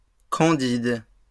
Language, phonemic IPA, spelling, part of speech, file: French, /kɑ̃.did/, candides, adjective, LL-Q150 (fra)-candides.wav
- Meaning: plural of candide